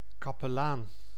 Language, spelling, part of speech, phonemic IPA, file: Dutch, kapelaan, noun, /ˌkɑpəˈlan/, Nl-kapelaan.ogg
- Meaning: 1. chaplain, curate, a Catholic priest working in a parish church 2. clergyman, cleric